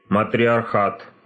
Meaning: matriarchy
- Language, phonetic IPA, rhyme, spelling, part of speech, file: Russian, [mətrʲɪɐrˈxat], -at, матриархат, noun, Ru-матриархат.ogg